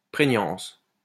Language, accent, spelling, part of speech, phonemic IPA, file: French, France, prégnance, noun, /pʁe.ɲɑ̃s/, LL-Q150 (fra)-prégnance.wav
- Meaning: 1. salience 2. predominance